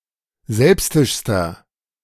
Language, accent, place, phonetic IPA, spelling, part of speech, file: German, Germany, Berlin, [ˈzɛlpstɪʃstɐ], selbstischster, adjective, De-selbstischster.ogg
- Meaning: inflection of selbstisch: 1. strong/mixed nominative masculine singular superlative degree 2. strong genitive/dative feminine singular superlative degree 3. strong genitive plural superlative degree